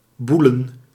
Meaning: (verb) 1. to have anal sex 2. to be a homosexual 3. to adulterate, to have extramarital sex; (noun) plural of boel
- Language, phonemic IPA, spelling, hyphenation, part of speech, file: Dutch, /ˈbu.lə(n)/, boelen, boe‧len, verb / noun, Nl-boelen.ogg